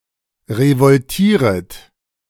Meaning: second-person plural subjunctive I of revoltieren
- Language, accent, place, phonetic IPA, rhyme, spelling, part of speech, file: German, Germany, Berlin, [ʁəvɔlˈtiːʁət], -iːʁət, revoltieret, verb, De-revoltieret.ogg